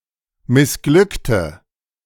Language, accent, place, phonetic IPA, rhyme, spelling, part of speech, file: German, Germany, Berlin, [mɪsˈɡlʏktə], -ʏktə, missglückte, adjective / verb, De-missglückte.ogg
- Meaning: inflection of missglückt: 1. strong/mixed nominative/accusative feminine singular 2. strong nominative/accusative plural 3. weak nominative all-gender singular